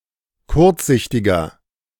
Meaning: 1. comparative degree of kurzsichtig 2. inflection of kurzsichtig: strong/mixed nominative masculine singular 3. inflection of kurzsichtig: strong genitive/dative feminine singular
- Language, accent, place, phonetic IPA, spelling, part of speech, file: German, Germany, Berlin, [ˈkʊʁt͡sˌzɪçtɪɡɐ], kurzsichtiger, adjective, De-kurzsichtiger.ogg